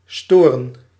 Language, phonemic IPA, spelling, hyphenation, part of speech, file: Dutch, /ˈstoː.rə(n)/, storen, sto‧ren, verb, Nl-storen.ogg
- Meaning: 1. to disturb, to bother 2. to interfere with, to cause interference